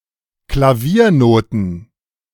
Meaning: piano sheet music (sheet music for piano)
- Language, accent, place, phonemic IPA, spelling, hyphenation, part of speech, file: German, Germany, Berlin, /klaˈviːɐ̯ noːtn̩/, Klaviernoten, Kla‧vier‧no‧ten, noun, De-Klaviernoten.ogg